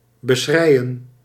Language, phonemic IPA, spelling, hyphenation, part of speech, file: Dutch, /bəˈsxrɛi̯.ə(n)/, beschreien, be‧schrei‧en, verb, Nl-beschreien.ogg
- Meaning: to weep about, to becry